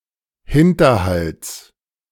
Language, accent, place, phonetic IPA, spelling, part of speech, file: German, Germany, Berlin, [ˈhɪntɐˌhalt͡s], Hinterhalts, noun, De-Hinterhalts.ogg
- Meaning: genitive singular of Hinterhalt